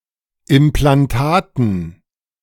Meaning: dative plural of Implantat
- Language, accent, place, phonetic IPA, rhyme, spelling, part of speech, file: German, Germany, Berlin, [ɪmplanˈtaːtn̩], -aːtn̩, Implantaten, noun, De-Implantaten.ogg